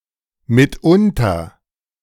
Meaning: now and then, occasionally
- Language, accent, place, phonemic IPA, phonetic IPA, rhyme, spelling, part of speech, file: German, Germany, Berlin, /mɪtˈʊntɐ/, [mɪtʰˈʔʊntʰɐ], -ʊntɐ, mitunter, adverb, De-mitunter.ogg